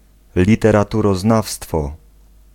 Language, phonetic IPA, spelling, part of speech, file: Polish, [ˌlʲitɛraˈturɔˈznafstfɔ], literaturoznawstwo, noun, Pl-literaturoznawstwo.ogg